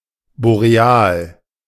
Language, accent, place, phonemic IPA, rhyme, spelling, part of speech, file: German, Germany, Berlin, /boʁeˈaːl/, -aːl, boreal, adjective, De-boreal.ogg
- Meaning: boreal